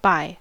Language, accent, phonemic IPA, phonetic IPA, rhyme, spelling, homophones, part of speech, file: English, US, /baɪ/, [baɪ], -aɪ, buy, bi / bye / by, verb / noun, En-us-buy.ogg
- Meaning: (verb) 1. To obtain (something) in exchange for money or goods 2. To obtain, especially by some sacrifice